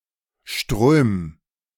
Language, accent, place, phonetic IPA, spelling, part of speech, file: German, Germany, Berlin, [ʃtʁøːm], ström, verb, De-ström.ogg
- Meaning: 1. singular imperative of strömen 2. first-person singular present of strömen